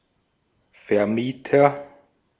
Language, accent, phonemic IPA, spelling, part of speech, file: German, Austria, /fɛɐ̯ˈmiːtɐ/, Vermieter, noun, De-at-Vermieter.ogg
- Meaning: landlord (he who rents, lets)